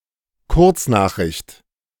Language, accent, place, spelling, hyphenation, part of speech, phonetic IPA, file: German, Germany, Berlin, Kurznachricht, Kurz‧nach‧richt, noun, [ˈkʊʁt͡snaːxˌʁɪçt], De-Kurznachricht.ogg
- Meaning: short message